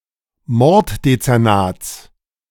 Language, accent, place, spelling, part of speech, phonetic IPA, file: German, Germany, Berlin, Morddezernats, noun, [ˈmɔʁtdet͡sɛʁˌnaːt͡s], De-Morddezernats.ogg
- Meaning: genitive singular of Morddezernat